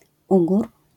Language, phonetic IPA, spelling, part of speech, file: Polish, [ˈuɡur], ugór, noun, LL-Q809 (pol)-ugór.wav